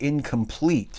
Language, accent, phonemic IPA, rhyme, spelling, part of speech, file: English, US, /ɪn.kəmˈpliːt/, -iːt, incomplete, adjective / noun, En-us-incomplete.ogg
- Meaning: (adjective) 1. Not complete; not finished 2. Of a flower, wanting any of the usual floral organs